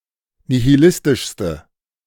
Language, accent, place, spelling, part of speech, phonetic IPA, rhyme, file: German, Germany, Berlin, nihilistischste, adjective, [nihiˈlɪstɪʃstə], -ɪstɪʃstə, De-nihilistischste.ogg
- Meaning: inflection of nihilistisch: 1. strong/mixed nominative/accusative feminine singular superlative degree 2. strong nominative/accusative plural superlative degree